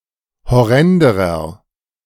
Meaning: inflection of horrend: 1. strong/mixed nominative masculine singular comparative degree 2. strong genitive/dative feminine singular comparative degree 3. strong genitive plural comparative degree
- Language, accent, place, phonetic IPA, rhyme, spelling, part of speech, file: German, Germany, Berlin, [hɔˈʁɛndəʁɐ], -ɛndəʁɐ, horrenderer, adjective, De-horrenderer.ogg